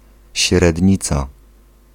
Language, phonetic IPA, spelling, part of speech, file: Polish, [ɕrɛdʲˈɲit͡sa], średnica, noun, Pl-średnica.ogg